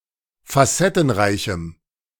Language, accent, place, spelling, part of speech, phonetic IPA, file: German, Germany, Berlin, facettenreichem, adjective, [faˈsɛtn̩ˌʁaɪ̯çm̩], De-facettenreichem.ogg
- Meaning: strong dative masculine/neuter singular of facettenreich